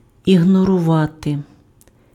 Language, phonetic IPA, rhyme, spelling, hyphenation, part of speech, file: Ukrainian, [iɦnɔrʊˈʋate], -ate, ігнорувати, ігно‧ру‧ва‧ти, verb, Uk-ігнорувати.ogg
- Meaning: to ignore, to disregard (deliberately pay no attention to)